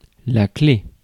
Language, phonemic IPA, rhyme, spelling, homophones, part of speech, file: French, /kle/, -e, clef, clé / clefs / clés, noun, Fr-clef.ogg
- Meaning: 1. alternative spelling of clé (“key”) 2. clef 3. key; the device as shown on a coat of arms